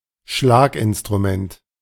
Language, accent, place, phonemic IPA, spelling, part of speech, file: German, Germany, Berlin, /ˈʃlaːkʔɪnstʁuˌmɛnt/, Schlaginstrument, noun, De-Schlaginstrument.ogg
- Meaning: percussion instrument